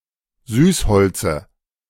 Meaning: dative of Süßholz
- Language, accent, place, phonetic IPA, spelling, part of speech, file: German, Germany, Berlin, [ˈzyːsˌhɔlt͡sə], Süßholze, noun, De-Süßholze.ogg